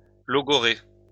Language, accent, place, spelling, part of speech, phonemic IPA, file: French, France, Lyon, logorrhée, noun, /lɔ.ɡɔ.ʁe/, LL-Q150 (fra)-logorrhée.wav
- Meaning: logorrhea